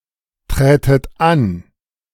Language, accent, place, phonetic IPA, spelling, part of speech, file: German, Germany, Berlin, [ˌtʁɛːtət ˈan], trätet an, verb, De-trätet an.ogg
- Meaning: second-person plural subjunctive II of antreten